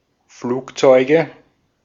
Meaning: nominative/accusative/genitive plural of Flugzeug
- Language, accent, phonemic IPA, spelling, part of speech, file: German, Austria, /ˈfluːkˌtsɔɪ̯ɡə/, Flugzeuge, noun, De-at-Flugzeuge.ogg